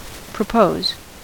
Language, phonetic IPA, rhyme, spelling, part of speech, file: English, [pɹəˈpəʊz], -əʊz, propose, verb / noun, En-us-propose.ogg
- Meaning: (verb) 1. To suggest a plan, course of action, etc 2. To ask for a person's hand in marriage 3. To intend 4. To talk; to converse 5. To set forth; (noun) An objective or aim